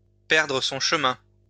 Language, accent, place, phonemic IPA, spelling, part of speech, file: French, France, Lyon, /pɛʁ.dʁə sɔ̃ ʃ(ə).mɛ̃/, perdre son chemin, verb, LL-Q150 (fra)-perdre son chemin.wav
- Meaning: to get lost, to lose one's way (to become lost)